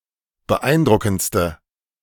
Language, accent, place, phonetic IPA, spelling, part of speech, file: German, Germany, Berlin, [bəˈʔaɪ̯nˌdʁʊkn̩t͡stə], beeindruckendste, adjective, De-beeindruckendste.ogg
- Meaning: inflection of beeindruckend: 1. strong/mixed nominative/accusative feminine singular superlative degree 2. strong nominative/accusative plural superlative degree